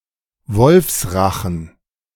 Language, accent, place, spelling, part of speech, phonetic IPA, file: German, Germany, Berlin, Wolfsrachen, noun, [ˈvɔlfsˌʁaxn̩], De-Wolfsrachen.ogg
- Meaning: cleft palate